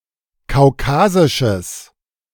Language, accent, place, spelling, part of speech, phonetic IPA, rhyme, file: German, Germany, Berlin, kaukasisches, adjective, [kaʊ̯ˈkaːzɪʃəs], -aːzɪʃəs, De-kaukasisches.ogg
- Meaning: strong/mixed nominative/accusative neuter singular of kaukasisch